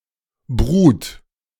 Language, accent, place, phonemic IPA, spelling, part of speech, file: German, Germany, Berlin, /bʁʏt/, brut, adjective, De-brut.ogg
- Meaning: brut (of sparkling wine: very dry)